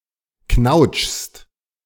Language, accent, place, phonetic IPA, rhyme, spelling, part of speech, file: German, Germany, Berlin, [knaʊ̯t͡ʃst], -aʊ̯t͡ʃst, knautschst, verb, De-knautschst.ogg
- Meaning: second-person singular present of knautschen